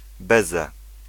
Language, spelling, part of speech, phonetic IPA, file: Polish, beze, preposition, [ˈbɛzɛ], Pl-beze.ogg